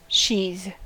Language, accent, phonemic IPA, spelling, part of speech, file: English, General American, /ʃið/, sheathe, verb, En-us-sheathe.ogg
- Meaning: 1. To put (something such as a knife or sword) into a sheath 2. To encase (something) with a protective covering